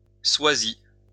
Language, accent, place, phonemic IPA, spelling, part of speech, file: French, France, Lyon, /swa.zi/, swazi, adjective, LL-Q150 (fra)-swazi.wav
- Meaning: of Swaziland; Swati, Swazi